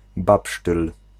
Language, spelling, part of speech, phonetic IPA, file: Polish, babsztyl, noun, [ˈbapʃtɨl], Pl-babsztyl.ogg